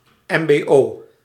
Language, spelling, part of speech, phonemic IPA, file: Dutch, mbo, noun, /ˌɛmbeˈjo/, Nl-mbo.ogg
- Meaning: initialism of middelbaar beroepsonderwijs (“intermediate vocational education/training”)